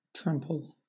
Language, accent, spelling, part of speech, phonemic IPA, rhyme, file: English, Southern England, trample, verb / noun, /ˈtɹæmpəl/, -æmpəl, LL-Q1860 (eng)-trample.wav
- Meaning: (verb) 1. To crush something by walking on it 2. To treat someone harshly 3. To walk heavily and destructively 4. To cause emotional injury as if by trampling; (noun) A heavy stepping